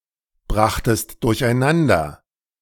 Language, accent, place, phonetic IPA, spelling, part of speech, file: German, Germany, Berlin, [ˌbʁaxtəst dʊʁçʔaɪ̯ˈnandɐ], brachtest durcheinander, verb, De-brachtest durcheinander.ogg
- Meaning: second-person singular preterite of durcheinanderbringen